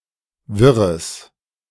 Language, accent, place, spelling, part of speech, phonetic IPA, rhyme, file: German, Germany, Berlin, wirres, adjective, [ˈvɪʁəs], -ɪʁəs, De-wirres.ogg
- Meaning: strong/mixed nominative/accusative neuter singular of wirr